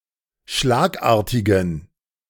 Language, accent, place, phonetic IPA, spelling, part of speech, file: German, Germany, Berlin, [ˈʃlaːkˌʔaːɐ̯tɪɡn̩], schlagartigen, adjective, De-schlagartigen.ogg
- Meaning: inflection of schlagartig: 1. strong genitive masculine/neuter singular 2. weak/mixed genitive/dative all-gender singular 3. strong/weak/mixed accusative masculine singular 4. strong dative plural